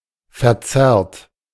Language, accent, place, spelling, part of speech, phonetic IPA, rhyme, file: German, Germany, Berlin, verzerrt, verb, [fɛɐ̯ˈt͡sɛʁt], -ɛʁt, De-verzerrt.ogg
- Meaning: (verb) past participle of verzerren; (adjective) distorted, contorted, warped